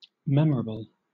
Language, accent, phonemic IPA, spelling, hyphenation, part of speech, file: English, Southern England, /ˈmɛm.(ə)ɹə.bl̩/, memorable, mem‧or‧able, adjective / noun, LL-Q1860 (eng)-memorable.wav
- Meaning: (adjective) Worthy to be remembered; very important or remarkable; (noun) Something interesting enough to be remembered